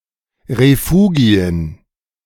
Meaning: plural of Refugium
- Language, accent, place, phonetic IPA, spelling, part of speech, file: German, Germany, Berlin, [ʁeˈfuːɡi̯ən], Refugien, noun, De-Refugien.ogg